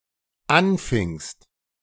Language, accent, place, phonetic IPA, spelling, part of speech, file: German, Germany, Berlin, [ˈanˌfɪŋst], anfingst, verb, De-anfingst.ogg
- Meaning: second-person singular dependent preterite of anfangen